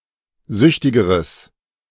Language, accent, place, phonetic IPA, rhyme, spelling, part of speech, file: German, Germany, Berlin, [ˈzʏçtɪɡəʁəs], -ʏçtɪɡəʁəs, süchtigeres, adjective, De-süchtigeres.ogg
- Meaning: strong/mixed nominative/accusative neuter singular comparative degree of süchtig